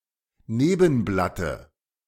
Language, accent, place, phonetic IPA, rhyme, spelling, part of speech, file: German, Germany, Berlin, [ˈneːbn̩blatə], -eːbn̩blatə, Nebenblatte, noun, De-Nebenblatte.ogg
- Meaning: dative of Nebenblatt